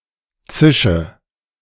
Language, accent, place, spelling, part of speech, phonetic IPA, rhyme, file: German, Germany, Berlin, zische, verb, [ˈt͡sɪʃə], -ɪʃə, De-zische.ogg
- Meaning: inflection of zischen: 1. first-person singular present 2. singular imperative 3. first/third-person singular subjunctive I